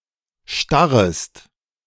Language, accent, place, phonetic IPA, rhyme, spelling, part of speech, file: German, Germany, Berlin, [ˈʃtaʁəst], -aʁəst, starrest, verb, De-starrest.ogg
- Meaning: second-person singular subjunctive I of starren